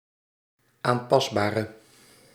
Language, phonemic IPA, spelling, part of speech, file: Dutch, /amˈpɑzbarə/, aanpasbare, adjective, Nl-aanpasbare.ogg
- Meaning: inflection of aanpasbaar: 1. masculine/feminine singular attributive 2. definite neuter singular attributive 3. plural attributive